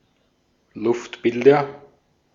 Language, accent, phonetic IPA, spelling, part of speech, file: German, Austria, [ˈlʊftˌbɪldɐ], Luftbilder, noun, De-at-Luftbilder.ogg
- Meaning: nominative/accusative/genitive plural of Luftbild